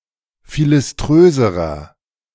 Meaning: inflection of philiströs: 1. strong/mixed nominative masculine singular comparative degree 2. strong genitive/dative feminine singular comparative degree 3. strong genitive plural comparative degree
- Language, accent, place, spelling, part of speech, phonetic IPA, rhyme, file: German, Germany, Berlin, philiströserer, adjective, [ˌfilɪsˈtʁøːzəʁɐ], -øːzəʁɐ, De-philiströserer.ogg